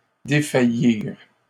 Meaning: 1. to faint, feel faint 2. to weaken, falter, fail (of strength, courage etc.)
- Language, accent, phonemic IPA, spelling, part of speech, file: French, Canada, /de.fa.jiʁ/, défaillir, verb, LL-Q150 (fra)-défaillir.wav